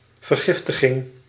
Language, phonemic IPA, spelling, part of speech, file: Dutch, /vərˈɣɪf.tə.ɣɪŋ/, vergiftiging, noun, Nl-vergiftiging.ogg
- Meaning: poisoning